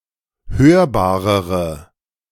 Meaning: inflection of hörbar: 1. strong/mixed nominative/accusative feminine singular comparative degree 2. strong nominative/accusative plural comparative degree
- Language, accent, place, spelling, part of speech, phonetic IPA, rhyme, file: German, Germany, Berlin, hörbarere, adjective, [ˈhøːɐ̯baːʁəʁə], -øːɐ̯baːʁəʁə, De-hörbarere.ogg